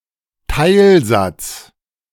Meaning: clause
- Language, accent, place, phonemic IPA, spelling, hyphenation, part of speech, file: German, Germany, Berlin, /ˈtaɪ̯lˌzat͡s/, Teilsatz, Teil‧satz, noun, De-Teilsatz.ogg